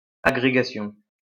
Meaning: archaic form of agrégation
- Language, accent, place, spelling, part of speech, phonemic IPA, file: French, France, Lyon, aggrégation, noun, /a.ɡʁe.ɡa.sjɔ̃/, LL-Q150 (fra)-aggrégation.wav